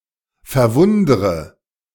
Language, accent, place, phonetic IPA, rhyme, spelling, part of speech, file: German, Germany, Berlin, [fɛɐ̯ˈvʊndʁə], -ʊndʁə, verwundre, verb, De-verwundre.ogg
- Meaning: inflection of verwundern: 1. first-person singular present 2. first/third-person singular subjunctive I 3. singular imperative